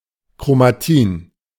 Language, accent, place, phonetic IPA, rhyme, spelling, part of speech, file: German, Germany, Berlin, [kʁomaˈtiːn], -iːn, Chromatin, noun, De-Chromatin.ogg
- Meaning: chromatin